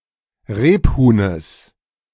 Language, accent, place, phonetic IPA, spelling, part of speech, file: German, Germany, Berlin, [ˈʁeːpˌhuːnəs], Rebhuhnes, noun, De-Rebhuhnes.ogg
- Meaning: genitive singular of Rebhuhn